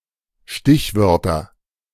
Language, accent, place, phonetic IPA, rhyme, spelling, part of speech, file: German, Germany, Berlin, [ˈʃtɪçˌvœʁtɐ], -ɪçvœʁtɐ, Stichwörter, noun, De-Stichwörter.ogg
- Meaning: nominative/accusative/genitive plural of Stichwort